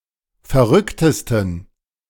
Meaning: 1. superlative degree of verrückt 2. inflection of verrückt: strong genitive masculine/neuter singular superlative degree
- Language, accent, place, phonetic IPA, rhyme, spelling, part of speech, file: German, Germany, Berlin, [fɛɐ̯ˈʁʏktəstn̩], -ʏktəstn̩, verrücktesten, adjective, De-verrücktesten.ogg